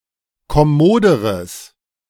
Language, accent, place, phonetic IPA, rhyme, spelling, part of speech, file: German, Germany, Berlin, [kɔˈmoːdəʁəs], -oːdəʁəs, kommoderes, adjective, De-kommoderes.ogg
- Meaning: strong/mixed nominative/accusative neuter singular comparative degree of kommod